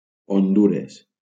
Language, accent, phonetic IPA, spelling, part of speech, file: Catalan, Valencia, [onˈdu.ɾes], Hondures, proper noun, LL-Q7026 (cat)-Hondures.wav
- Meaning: Honduras (a country in Central America)